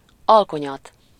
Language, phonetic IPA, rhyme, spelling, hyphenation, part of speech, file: Hungarian, [ˈɒlkoɲɒt], -ɒt, alkonyat, al‧ko‧nyat, noun, Hu-alkonyat.ogg
- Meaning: dusk, twilight, nightfall (time of the day or by extension one's declining years)